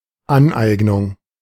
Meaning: 1. acquisition 2. appropriation
- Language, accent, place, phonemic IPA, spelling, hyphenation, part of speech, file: German, Germany, Berlin, /ˈanˌʔaɪ̯ɡnʊŋ/, Aneignung, An‧eig‧nung, noun, De-Aneignung.ogg